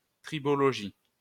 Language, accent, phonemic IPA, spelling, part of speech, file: French, France, /tʁi.bɔ.lɔ.ʒi/, tribologie, noun, LL-Q150 (fra)-tribologie.wav
- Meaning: tribology